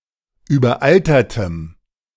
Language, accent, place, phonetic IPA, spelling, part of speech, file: German, Germany, Berlin, [yːbɐˈʔaltɐtəm], überaltertem, adjective, De-überaltertem.ogg
- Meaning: strong dative masculine/neuter singular of überaltert